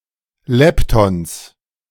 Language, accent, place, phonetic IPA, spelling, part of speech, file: German, Germany, Berlin, [ˈlɛptɔns], Leptons, noun, De-Leptons.ogg
- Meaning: genitive singular of Lepton